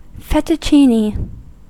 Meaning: Long, flat ribbons of pasta, cut from a rolled-out sheet; identical in form to tagliatelle
- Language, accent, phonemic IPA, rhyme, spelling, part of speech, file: English, US, /ˌfɛtəˈtʃiːni/, -iːni, fettuccine, noun, En-us-fettuccine.ogg